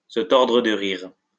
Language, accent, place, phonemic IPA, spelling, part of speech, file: French, France, Lyon, /sə tɔʁ.dʁə d(ə) ʁiʁ/, se tordre de rire, verb, LL-Q150 (fra)-se tordre de rire.wav
- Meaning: to be in stitches, to be convulsed with laughter, to be doubled up with laughter, to be rolling on the floor laughing